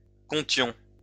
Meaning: inflection of compter: 1. first-person plural imperfect indicative 2. first-person plural present subjunctive
- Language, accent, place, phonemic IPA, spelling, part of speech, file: French, France, Lyon, /kɔ̃.tjɔ̃/, comptions, verb, LL-Q150 (fra)-comptions.wav